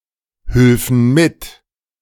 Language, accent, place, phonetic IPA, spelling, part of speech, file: German, Germany, Berlin, [ˌhʏlfn̩ ˈmɪt], hülfen mit, verb, De-hülfen mit.ogg
- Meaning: first-person plural subjunctive II of mithelfen